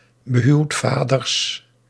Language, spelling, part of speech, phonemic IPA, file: Dutch, behuwdvaders, noun, /bəˈhywtfadərs/, Nl-behuwdvaders.ogg
- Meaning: plural of behuwdvader